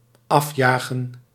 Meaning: to drive away, to kick out
- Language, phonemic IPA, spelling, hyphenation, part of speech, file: Dutch, /ˈɑfjaːɣə(n)/, afjagen, af‧ja‧gen, verb, Nl-afjagen.ogg